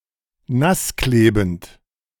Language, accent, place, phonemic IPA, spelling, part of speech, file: German, Germany, Berlin, /ˈnasˌkleːbn̩t/, nassklebend, adjective, De-nassklebend.ogg
- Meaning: adhesive